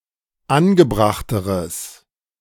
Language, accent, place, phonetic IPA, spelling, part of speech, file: German, Germany, Berlin, [ˈanɡəˌbʁaxtəʁəs], angebrachteres, adjective, De-angebrachteres.ogg
- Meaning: strong/mixed nominative/accusative neuter singular comparative degree of angebracht